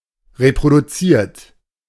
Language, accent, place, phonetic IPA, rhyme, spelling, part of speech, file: German, Germany, Berlin, [ʁepʁoduˈt͡siːɐ̯t], -iːɐ̯t, reproduziert, verb, De-reproduziert.ogg
- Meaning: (verb) past participle of reproduzieren; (adjective) reproduced, replicated; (verb) inflection of reproduzieren: 1. second-person plural present 2. third-person singular present 3. plural imperative